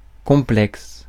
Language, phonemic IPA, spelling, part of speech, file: French, /kɔ̃.plɛks/, complexe, adjective / noun, Fr-complexe.ogg
- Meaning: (adjective) 1. complex, not simple 2. complex, not simple: complex; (noun) 1. complex 2. complex (complex number) 3. complex (unit)